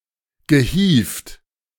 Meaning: past participle of hieven
- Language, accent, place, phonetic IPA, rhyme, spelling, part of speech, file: German, Germany, Berlin, [ɡəˈhiːft], -iːft, gehievt, verb, De-gehievt.ogg